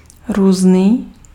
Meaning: 1. different 2. various
- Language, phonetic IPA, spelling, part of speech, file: Czech, [ˈruːzniː], různý, adjective, Cs-různý.ogg